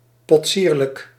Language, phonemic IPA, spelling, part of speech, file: Dutch, /pɔtˈsirlək/, potsierlijk, adjective, Nl-potsierlijk.ogg
- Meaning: ludicrous, absurd